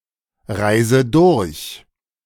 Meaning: inflection of durchreisen: 1. first-person singular present 2. first/third-person singular subjunctive I 3. singular imperative
- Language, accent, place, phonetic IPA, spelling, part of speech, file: German, Germany, Berlin, [ˌʁaɪ̯zə ˈdʊʁç], reise durch, verb, De-reise durch.ogg